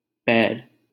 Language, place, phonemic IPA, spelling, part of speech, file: Hindi, Delhi, /pɛːɾ/, पैर, noun, LL-Q1568 (hin)-पैर.wav
- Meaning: foot